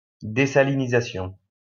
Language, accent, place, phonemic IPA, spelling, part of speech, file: French, France, Lyon, /de.sa.li.ni.za.sjɔ̃/, désalinisation, noun, LL-Q150 (fra)-désalinisation.wav
- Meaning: desalination